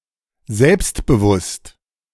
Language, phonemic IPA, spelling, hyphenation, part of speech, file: German, /ˈzɛlpstbəˌvʊst/, selbstbewusst, selbst‧be‧wusst, adjective / adverb, De-selbstbewusst.oga
- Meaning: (adjective) 1. self-confident, self-assured 2. self-conscious, self-aware; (adverb) 1. confidently, assertively 2. self-consciously